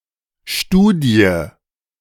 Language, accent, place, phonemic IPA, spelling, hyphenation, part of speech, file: German, Germany, Berlin, /ˈʃtuːdi̯ə/, Studie, Stu‧die, noun, De-Studie.ogg
- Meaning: study (academic publication)